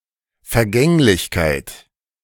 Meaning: transitoriness, transience, ephemerality, caducity
- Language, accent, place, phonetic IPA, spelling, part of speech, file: German, Germany, Berlin, [fɛɐ̯ˈɡɛŋlɪçkaɪ̯t], Vergänglichkeit, noun, De-Vergänglichkeit.ogg